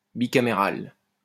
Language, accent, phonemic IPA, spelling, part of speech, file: French, France, /bi.ka.me.ʁal/, bicaméral, adjective, LL-Q150 (fra)-bicaméral.wav
- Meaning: bicameral